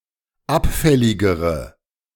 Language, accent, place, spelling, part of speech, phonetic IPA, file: German, Germany, Berlin, abfälligere, adjective, [ˈapˌfɛlɪɡəʁə], De-abfälligere.ogg
- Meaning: inflection of abfällig: 1. strong/mixed nominative/accusative feminine singular comparative degree 2. strong nominative/accusative plural comparative degree